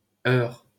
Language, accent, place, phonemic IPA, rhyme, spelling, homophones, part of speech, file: French, France, Paris, /œʁ/, -œʁ, Eure, heure / heur / heurs / heures / heurt / heurts, proper noun, LL-Q150 (fra)-Eure.wav
- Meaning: 1. Eure (a department of Normandy, France) 2. Eure (a left tributary of the Seine, in northwestern France, flowing through the departments of Orne, Eure-et-Loir and Eure)